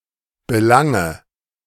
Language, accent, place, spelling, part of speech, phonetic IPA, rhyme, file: German, Germany, Berlin, Belange, noun, [bəˈlaŋə], -aŋə, De-Belange.ogg
- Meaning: nominative/accusative/genitive plural of Belang